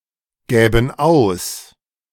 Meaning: first/third-person plural subjunctive II of ausgeben
- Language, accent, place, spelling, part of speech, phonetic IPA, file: German, Germany, Berlin, gäben aus, verb, [ˌɡɛːbn̩ ˈaʊ̯s], De-gäben aus.ogg